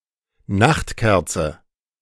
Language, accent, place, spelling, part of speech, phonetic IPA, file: German, Germany, Berlin, Nachtkerze, noun, [ˈnaxtˌkɛʁt͡sə], De-Nachtkerze.ogg
- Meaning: evening primrose, any plant of the genus Oenothera